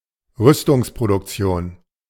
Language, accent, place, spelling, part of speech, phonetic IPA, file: German, Germany, Berlin, Rüstungsproduktion, noun, [ˈʁʏstʊŋspʁodʊkˌt͡si̯oːn], De-Rüstungsproduktion.ogg
- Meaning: arms manufacture